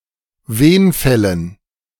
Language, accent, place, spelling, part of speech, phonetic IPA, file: German, Germany, Berlin, Wenfällen, noun, [ˈveːnˌfɛlən], De-Wenfällen.ogg
- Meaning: dative plural of Wenfall